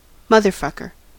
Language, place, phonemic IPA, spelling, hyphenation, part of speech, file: English, California, /mʌðɚˌfʌkɚ/, motherfucker, moth‧er‧fuck‧er, interjection / noun, En-us-motherfucker.ogg
- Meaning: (interjection) Expressing dismay, discontent, or surprise; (noun) An extremely contemptible, vicious or mean person